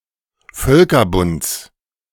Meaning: genitive of Völkerbund
- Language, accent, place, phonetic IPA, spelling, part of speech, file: German, Germany, Berlin, [ˈfœlkɐˌbʊnt͡s], Völkerbunds, noun, De-Völkerbunds.ogg